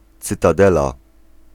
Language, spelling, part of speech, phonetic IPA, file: Polish, cytadela, noun, [ˌt͡sɨtaˈdɛla], Pl-cytadela.ogg